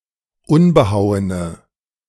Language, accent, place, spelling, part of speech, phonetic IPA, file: German, Germany, Berlin, unbehauene, adjective, [ˈʊnbəˌhaʊ̯ənə], De-unbehauene.ogg
- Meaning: inflection of unbehauen: 1. strong/mixed nominative/accusative feminine singular 2. strong nominative/accusative plural 3. weak nominative all-gender singular